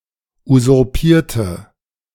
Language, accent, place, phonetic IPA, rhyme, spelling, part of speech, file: German, Germany, Berlin, [uzʊʁˈpiːɐ̯tə], -iːɐ̯tə, usurpierte, adjective / verb, De-usurpierte.ogg
- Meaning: inflection of usurpieren: 1. first/third-person singular preterite 2. first/third-person singular subjunctive II